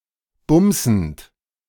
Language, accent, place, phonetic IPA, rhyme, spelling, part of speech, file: German, Germany, Berlin, [ˈbʊmzn̩t], -ʊmzn̩t, bumsend, verb, De-bumsend.ogg
- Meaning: present participle of bumsen